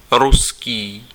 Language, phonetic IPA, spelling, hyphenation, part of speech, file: Czech, [ˈruskiː], ruský, ru‧s‧ký, adjective, Cs-ruský.ogg
- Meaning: 1. Russian (of or relating to Russia) 2. Russian (of or relating to Russian language)